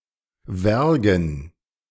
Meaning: hemp
- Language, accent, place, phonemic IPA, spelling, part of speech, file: German, Germany, Berlin, /ˈvɛʁɡn̩/, wergen, adjective, De-wergen.ogg